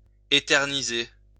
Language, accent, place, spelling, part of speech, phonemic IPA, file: French, France, Lyon, éterniser, verb, /e.tɛʁ.ni.ze/, LL-Q150 (fra)-éterniser.wav
- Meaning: 1. to drag out, to prolong 2. to immortalize 3. to drag on